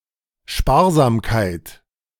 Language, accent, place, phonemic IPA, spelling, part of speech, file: German, Germany, Berlin, /ˈʃpaːɐ̯zaːmkaɪ̯t/, Sparsamkeit, noun, De-Sparsamkeit.ogg
- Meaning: thrift, frugality